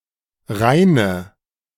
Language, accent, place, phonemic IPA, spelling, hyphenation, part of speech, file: German, Germany, Berlin, /ˈʁaɪ̯nə/, Rheine, Rhei‧ne, proper noun, De-Rheine.ogg
- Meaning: Rheine (a city in northwestern Germany)